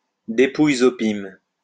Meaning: spolia opima
- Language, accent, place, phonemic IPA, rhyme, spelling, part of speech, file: French, France, Lyon, /de.puj.z‿ɔ.pim/, -im, dépouilles opimes, noun, LL-Q150 (fra)-dépouilles opimes.wav